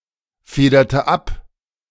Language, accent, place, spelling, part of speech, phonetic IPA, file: German, Germany, Berlin, federte ab, verb, [ˌfeːdɐtə ˈap], De-federte ab.ogg
- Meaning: inflection of abfedern: 1. first/third-person singular preterite 2. first/third-person singular subjunctive II